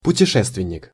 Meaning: traveller, voyager (one who travels)
- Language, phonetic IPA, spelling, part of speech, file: Russian, [pʊtʲɪˈʂɛstvʲɪnʲ(ː)ɪk], путешественник, noun, Ru-путешественник.ogg